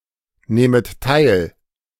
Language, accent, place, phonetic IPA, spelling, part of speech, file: German, Germany, Berlin, [ˌneːmət ˈtaɪ̯l], nehmet teil, verb, De-nehmet teil.ogg
- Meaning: second-person plural subjunctive I of teilnehmen